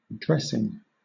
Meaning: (noun) 1. Material applied to a wound for protection or therapy 2. A sauce, especially a cold one for salads 3. Something added to the soil as a fertilizer etc 4. The activity of getting dressed
- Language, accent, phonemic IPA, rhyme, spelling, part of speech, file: English, Southern England, /ˈdɹɛsɪŋ/, -ɛsɪŋ, dressing, noun / verb, LL-Q1860 (eng)-dressing.wav